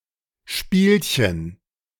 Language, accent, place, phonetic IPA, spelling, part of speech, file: German, Germany, Berlin, [ˈʃpiːlçən], Spielchen, noun, De-Spielchen.ogg
- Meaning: diminutive of Spiel